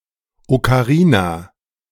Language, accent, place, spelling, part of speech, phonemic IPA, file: German, Germany, Berlin, Okarina, noun, /okaˈʁiːna/, De-Okarina.ogg
- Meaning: ocarina (a musical instrument)